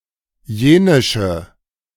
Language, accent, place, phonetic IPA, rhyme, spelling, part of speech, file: German, Germany, Berlin, [ˈjeːnɪʃə], -eːnɪʃə, jenische, adjective, De-jenische.ogg
- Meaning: inflection of jenisch: 1. strong/mixed nominative/accusative feminine singular 2. strong nominative/accusative plural 3. weak nominative all-gender singular 4. weak accusative feminine/neuter singular